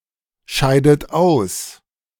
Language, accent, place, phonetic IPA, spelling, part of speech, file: German, Germany, Berlin, [ˌʃaɪ̯dət ˈaʊ̯s], scheidet aus, verb, De-scheidet aus.ogg
- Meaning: inflection of ausscheiden: 1. third-person singular present 2. second-person plural present 3. second-person plural subjunctive I 4. plural imperative